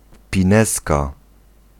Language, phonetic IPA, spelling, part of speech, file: Polish, [pʲĩˈnɛska], pinezka, noun, Pl-pinezka.ogg